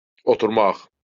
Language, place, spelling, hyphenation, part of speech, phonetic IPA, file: Azerbaijani, Baku, oturmaq, o‧tur‧maq, verb, [oturˈmɑχ], LL-Q9292 (aze)-oturmaq.wav
- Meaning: 1. to sit 2. to take root